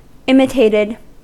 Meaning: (verb) simple past and past participle of imitate; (adjective) Virtual, simulated; in effect or essence, rather than in fact or reality
- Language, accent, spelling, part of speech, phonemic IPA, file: English, US, imitated, verb / adjective, /ˈɪmɪteɪtɪd/, En-us-imitated.ogg